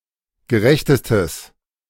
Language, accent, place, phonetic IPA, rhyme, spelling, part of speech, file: German, Germany, Berlin, [ɡəˈʁɛçtəstəs], -ɛçtəstəs, gerechtestes, adjective, De-gerechtestes.ogg
- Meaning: strong/mixed nominative/accusative neuter singular superlative degree of gerecht